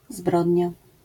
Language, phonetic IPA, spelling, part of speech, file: Polish, [ˈzbrɔdʲɲa], zbrodnia, noun, LL-Q809 (pol)-zbrodnia.wav